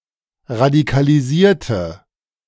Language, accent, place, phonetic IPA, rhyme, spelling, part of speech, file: German, Germany, Berlin, [ʁadikaliˈziːɐ̯tə], -iːɐ̯tə, radikalisierte, adjective / verb, De-radikalisierte.ogg
- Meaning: inflection of radikalisieren: 1. first/third-person singular preterite 2. first/third-person singular subjunctive II